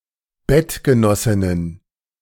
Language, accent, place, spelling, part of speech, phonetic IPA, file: German, Germany, Berlin, Bettgenossinnen, noun, [ˈbɛtɡəˌnɔsɪnən], De-Bettgenossinnen.ogg
- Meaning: plural of Bettgenossin